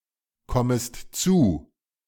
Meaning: second-person singular subjunctive I of zukommen
- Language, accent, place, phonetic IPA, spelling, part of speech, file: German, Germany, Berlin, [ˌkɔməst ˈt͡suː], kommest zu, verb, De-kommest zu.ogg